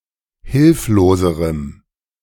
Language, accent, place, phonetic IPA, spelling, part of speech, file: German, Germany, Berlin, [ˈhɪlfloːzəʁəm], hilfloserem, adjective, De-hilfloserem.ogg
- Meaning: strong dative masculine/neuter singular comparative degree of hilflos